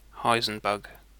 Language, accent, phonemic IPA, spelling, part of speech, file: English, UK, /ˈhaɪzənˌbʌɡ/, heisenbug, noun, En-uk-heisenbug.ogg
- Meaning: A software bug which fails to manifest itself or manifests differently during debugging